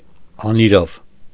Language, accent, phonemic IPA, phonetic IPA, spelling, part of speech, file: Armenian, Eastern Armenian, /ɑniˈɾɑv/, [ɑniɾɑ́v], անիրավ, adjective / adverb, Hy-անիրավ.ogg
- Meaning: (adjective) 1. unjust, unfair 2. evil, ruthless, cruel; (adverb) 1. unjustly, unfairly 2. evilly, ruthlessly, cruelly